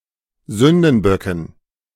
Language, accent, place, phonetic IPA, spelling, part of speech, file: German, Germany, Berlin, [ˈzʏndn̩ˌbœkn̩], Sündenböcken, noun, De-Sündenböcken.ogg
- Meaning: dative plural of Sündenbock